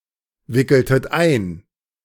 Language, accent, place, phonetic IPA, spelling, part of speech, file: German, Germany, Berlin, [ˌvɪkl̩tət ˈaɪ̯n], wickeltet ein, verb, De-wickeltet ein.ogg
- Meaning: inflection of einwickeln: 1. second-person plural preterite 2. second-person plural subjunctive II